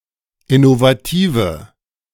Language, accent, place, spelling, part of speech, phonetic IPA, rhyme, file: German, Germany, Berlin, innovative, adjective, [ɪnovaˈtiːvə], -iːvə, De-innovative.ogg
- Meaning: inflection of innovativ: 1. strong/mixed nominative/accusative feminine singular 2. strong nominative/accusative plural 3. weak nominative all-gender singular